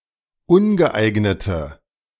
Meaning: inflection of ungeeignet: 1. strong/mixed nominative/accusative feminine singular 2. strong nominative/accusative plural 3. weak nominative all-gender singular
- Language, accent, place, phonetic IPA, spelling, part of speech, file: German, Germany, Berlin, [ˈʊnɡəˌʔaɪ̯ɡnətə], ungeeignete, adjective, De-ungeeignete.ogg